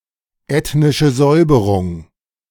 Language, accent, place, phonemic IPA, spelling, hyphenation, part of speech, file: German, Germany, Berlin, /ˌɛtnɪʃə ˈzɔʏ̯bəʁʊŋ/, ethnische Säuberung, eth‧ni‧sche Säu‧be‧rung, noun, De-ethnische Säuberung.ogg
- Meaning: ethnic cleansing